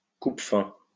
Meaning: appetite suppressant, anorectic
- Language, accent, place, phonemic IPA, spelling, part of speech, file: French, France, Lyon, /kup.fɛ̃/, coupe-faim, noun, LL-Q150 (fra)-coupe-faim.wav